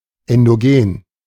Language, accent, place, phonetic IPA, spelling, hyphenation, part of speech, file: German, Germany, Berlin, [ˌɛndoˈɡeːn], endogen, en‧do‧gen, adjective, De-endogen.ogg
- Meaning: endogenous